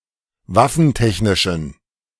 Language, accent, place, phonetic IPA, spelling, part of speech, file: German, Germany, Berlin, [ˈvafn̩ˌtɛçnɪʃn̩], waffentechnischen, adjective, De-waffentechnischen.ogg
- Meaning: inflection of waffentechnisch: 1. strong genitive masculine/neuter singular 2. weak/mixed genitive/dative all-gender singular 3. strong/weak/mixed accusative masculine singular 4. strong dative plural